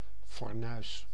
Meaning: cooker, stove (kitchen appliance consisting of a cooktop and an oven)
- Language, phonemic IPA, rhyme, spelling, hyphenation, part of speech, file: Dutch, /fɔrˈnœy̯s/, -œy̯s, fornuis, for‧nuis, noun, Nl-fornuis.ogg